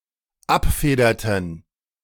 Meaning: inflection of abfedern: 1. first/third-person plural dependent preterite 2. first/third-person plural dependent subjunctive II
- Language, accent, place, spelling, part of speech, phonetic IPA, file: German, Germany, Berlin, abfederten, verb, [ˈapˌfeːdɐtn̩], De-abfederten.ogg